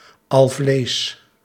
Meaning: pancreas
- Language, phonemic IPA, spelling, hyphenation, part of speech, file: Dutch, /ˈɑl.vleːs/, alvlees, al‧vlees, noun, Nl-alvlees.ogg